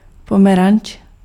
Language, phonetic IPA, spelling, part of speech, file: Czech, [ˈpomɛrant͡ʃ], pomeranč, noun, Cs-pomeranč.ogg
- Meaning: orange (fruit)